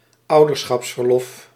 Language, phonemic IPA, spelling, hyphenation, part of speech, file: Dutch, /ˈɑu̯.dər.sxɑps.vərˌlɔf/, ouderschapsverlof, ou‧der‧schaps‧ver‧lof, noun, Nl-ouderschapsverlof.ogg
- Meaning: parental leave